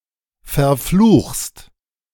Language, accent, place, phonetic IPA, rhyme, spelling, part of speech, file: German, Germany, Berlin, [fɛɐ̯ˈfluːxst], -uːxst, verfluchst, verb, De-verfluchst.ogg
- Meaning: second-person singular present of verfluchen